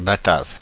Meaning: 1. Batavian 2. Dutchman; Hollander
- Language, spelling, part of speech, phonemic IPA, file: French, Batave, noun, /ba.tav/, Fr-Batave.ogg